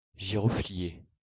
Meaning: clove plant
- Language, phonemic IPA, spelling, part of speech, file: French, /ʒi.ʁɔ.fli.je/, giroflier, noun, LL-Q150 (fra)-giroflier.wav